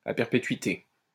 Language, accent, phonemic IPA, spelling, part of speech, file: French, France, /a pɛʁ.pe.tɥi.te/, à perpétuité, adjective, LL-Q150 (fra)-à perpétuité.wav
- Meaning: lifelong, for life